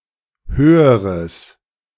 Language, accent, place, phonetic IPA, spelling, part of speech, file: German, Germany, Berlin, [ˈhøːəʁəs], höheres, adjective, De-höheres.ogg
- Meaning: strong/mixed nominative/accusative neuter singular comparative degree of hoch